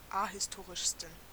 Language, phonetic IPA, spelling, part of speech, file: German, [ˈahɪsˌtoːʁɪʃstn̩], ahistorischsten, adjective, De-ahistorischsten.ogg
- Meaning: 1. superlative degree of ahistorisch 2. inflection of ahistorisch: strong genitive masculine/neuter singular superlative degree